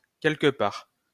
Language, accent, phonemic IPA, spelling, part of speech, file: French, France, /kɛl.k(ə) paʁ/, quelque part, adverb, LL-Q150 (fra)-quelque part.wav
- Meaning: 1. somewhere 2. in a way, in a sense